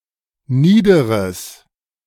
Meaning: strong/mixed nominative/accusative neuter singular of nieder
- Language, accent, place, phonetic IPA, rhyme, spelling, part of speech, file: German, Germany, Berlin, [ˈniːdəʁəs], -iːdəʁəs, niederes, adjective, De-niederes.ogg